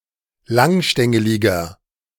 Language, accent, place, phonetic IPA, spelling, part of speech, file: German, Germany, Berlin, [ˈlaŋˌʃtɛŋəlɪɡɐ], langstängeliger, adjective, De-langstängeliger.ogg
- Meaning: 1. comparative degree of langstängelig 2. inflection of langstängelig: strong/mixed nominative masculine singular 3. inflection of langstängelig: strong genitive/dative feminine singular